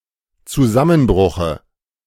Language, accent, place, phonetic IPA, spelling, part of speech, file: German, Germany, Berlin, [t͡suˈzamənˌbʁʊxə], Zusammenbruche, noun, De-Zusammenbruche.ogg
- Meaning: dative of Zusammenbruch